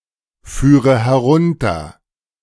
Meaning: first/third-person singular subjunctive II of herunterfahren
- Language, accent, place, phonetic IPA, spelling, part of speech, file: German, Germany, Berlin, [ˌfyːʁə hɛˈʁʊntɐ], führe herunter, verb, De-führe herunter.ogg